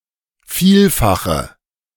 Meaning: inflection of Vielfaches: 1. strong nominative/accusative plural 2. weak nominative/accusative singular
- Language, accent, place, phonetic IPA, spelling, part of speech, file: German, Germany, Berlin, [ˈfiːlfaxə], Vielfache, noun, De-Vielfache.ogg